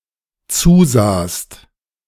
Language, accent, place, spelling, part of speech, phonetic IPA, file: German, Germany, Berlin, zusahst, verb, [ˈt͡suːˌzaːst], De-zusahst.ogg
- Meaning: second-person singular dependent preterite of zusehen